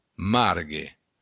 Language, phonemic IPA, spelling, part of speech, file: Occitan, /ˈmaɾɡe/, margue, noun, LL-Q942602-margue.wav
- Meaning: handle